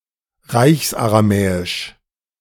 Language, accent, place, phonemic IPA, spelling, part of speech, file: German, Germany, Berlin, /ˈraɪ̯çsaraˌmɛːɪʃ/, Reichsaramäisch, proper noun, De-Reichsaramäisch.ogg
- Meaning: Imperial Aramaic